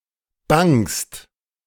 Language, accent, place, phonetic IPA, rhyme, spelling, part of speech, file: German, Germany, Berlin, [baŋst], -aŋst, bangst, verb, De-bangst.ogg
- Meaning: second-person singular present of bangen